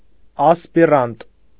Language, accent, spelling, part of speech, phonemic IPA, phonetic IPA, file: Armenian, Eastern Armenian, ասպիրանտ, noun, /ɑspiˈɾɑnt/, [ɑspiɾɑ́nt], Hy-ասպիրանտ.ogg
- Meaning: postgraduate, graduate student (a person continuing to study after completing a degree)